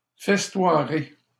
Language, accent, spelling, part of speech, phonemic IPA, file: French, Canada, festoierai, verb, /fɛs.twa.ʁe/, LL-Q150 (fra)-festoierai.wav
- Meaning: first-person singular simple future of festoyer